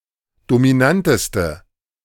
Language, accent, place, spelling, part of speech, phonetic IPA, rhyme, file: German, Germany, Berlin, dominanteste, adjective, [domiˈnantəstə], -antəstə, De-dominanteste.ogg
- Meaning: inflection of dominant: 1. strong/mixed nominative/accusative feminine singular superlative degree 2. strong nominative/accusative plural superlative degree